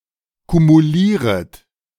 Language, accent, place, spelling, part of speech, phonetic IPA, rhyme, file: German, Germany, Berlin, kumulieret, verb, [kumuˈliːʁət], -iːʁət, De-kumulieret.ogg
- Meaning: second-person plural subjunctive I of kumulieren